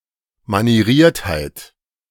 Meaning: mannerism
- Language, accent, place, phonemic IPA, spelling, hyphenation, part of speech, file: German, Germany, Berlin, /maniˈʁiːɐ̯thaɪ̯t/, Manieriertheit, Ma‧nie‧riert‧heit, noun, De-Manieriertheit.ogg